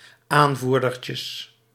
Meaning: plural of aanvoerdertje
- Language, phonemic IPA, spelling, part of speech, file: Dutch, /ˈaɱvurdərcəs/, aanvoerdertjes, noun, Nl-aanvoerdertjes.ogg